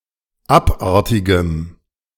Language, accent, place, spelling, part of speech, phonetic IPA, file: German, Germany, Berlin, abartigem, adjective, [ˈapˌʔaʁtɪɡəm], De-abartigem.ogg
- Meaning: strong dative masculine/neuter singular of abartig